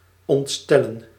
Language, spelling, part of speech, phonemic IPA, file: Dutch, ontstellen, verb, /ˌɔntˈstɛ.lə(n)/, Nl-ontstellen.ogg
- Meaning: to affright, to appal